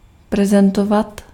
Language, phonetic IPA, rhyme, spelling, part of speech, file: Czech, [ˈprɛzɛntovat], -ovat, prezentovat, verb, Cs-prezentovat.ogg
- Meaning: to present